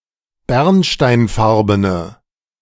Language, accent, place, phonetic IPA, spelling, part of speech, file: German, Germany, Berlin, [ˈbɛʁnʃtaɪ̯nˌfaʁbənə], bernsteinfarbene, adjective, De-bernsteinfarbene.ogg
- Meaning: inflection of bernsteinfarben: 1. strong/mixed nominative/accusative feminine singular 2. strong nominative/accusative plural 3. weak nominative all-gender singular